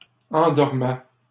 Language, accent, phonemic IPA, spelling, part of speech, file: French, Canada, /ɑ̃.dɔʁ.mɛ/, endormais, verb, LL-Q150 (fra)-endormais.wav
- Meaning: first/second-person singular imperfect indicative of endormir